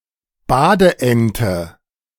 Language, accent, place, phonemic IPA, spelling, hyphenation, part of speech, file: German, Germany, Berlin, /ˈbaːdəˌʔɛntə/, Badeente, Ba‧de‧en‧te, noun, De-Badeente.ogg
- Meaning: rubber duck